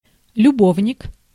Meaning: 1. lover 2. paramour
- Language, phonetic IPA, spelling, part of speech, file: Russian, [lʲʊˈbovnʲɪk], любовник, noun, Ru-любовник.ogg